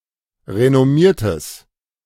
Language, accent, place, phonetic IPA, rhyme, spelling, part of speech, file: German, Germany, Berlin, [ʁenɔˈmiːɐ̯təs], -iːɐ̯təs, renommiertes, adjective, De-renommiertes.ogg
- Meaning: strong/mixed nominative/accusative neuter singular of renommiert